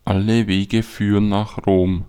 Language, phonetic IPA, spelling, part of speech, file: German, [ˈalə ˈveːɡə ˈfyːʁən naːx ʁoːm], alle Wege führen nach Rom, phrase, De-Alle Wege führen nach Rom.ogg
- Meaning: all roads lead to Rome